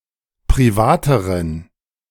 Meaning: inflection of privat: 1. strong genitive masculine/neuter singular comparative degree 2. weak/mixed genitive/dative all-gender singular comparative degree
- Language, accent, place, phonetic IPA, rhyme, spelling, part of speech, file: German, Germany, Berlin, [pʁiˈvaːtəʁən], -aːtəʁən, privateren, adjective, De-privateren.ogg